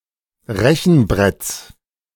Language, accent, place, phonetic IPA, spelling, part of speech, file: German, Germany, Berlin, [ˈʁɛçn̩ˌbʁɛt͡s], Rechenbretts, noun, De-Rechenbretts.ogg
- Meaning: genitive of Rechenbrett